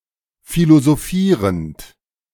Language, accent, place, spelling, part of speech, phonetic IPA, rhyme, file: German, Germany, Berlin, philosophierend, verb, [ˌfilozoˈfiːʁənt], -iːʁənt, De-philosophierend.ogg
- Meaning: present participle of philosophieren